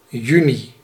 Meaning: June (month)
- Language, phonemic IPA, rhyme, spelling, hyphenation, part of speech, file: Dutch, /ˈjy.ni/, -yni, juni, ju‧ni, noun, Nl-juni.ogg